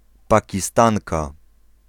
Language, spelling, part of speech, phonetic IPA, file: Polish, Pakistanka, noun, [ˌpaciˈstãŋka], Pl-Pakistanka.ogg